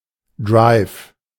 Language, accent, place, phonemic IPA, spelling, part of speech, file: German, Germany, Berlin, /dʁaɪf/, Drive, noun, De-Drive.ogg
- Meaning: 1. drive (self-motivation) 2. vitality, momentum 3. drive (stroke made with a driver) 4. drive (ball struck in a flat trajectory)